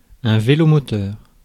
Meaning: moped
- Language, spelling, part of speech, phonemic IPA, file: French, vélomoteur, noun, /ve.lo.mɔ.tœʁ/, Fr-vélomoteur.ogg